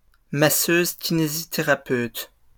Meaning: physiotherapist
- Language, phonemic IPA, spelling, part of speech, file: French, /ki.ne.zi.te.ʁa.pøt/, kinésithérapeute, noun, LL-Q150 (fra)-kinésithérapeute.wav